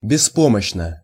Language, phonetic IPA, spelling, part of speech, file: Russian, [bʲɪˈspoməɕːnə], беспомощно, adverb / adjective, Ru-беспомощно.ogg
- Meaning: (adverb) blankly; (adjective) short neuter singular of беспо́мощный (bespómoščnyj)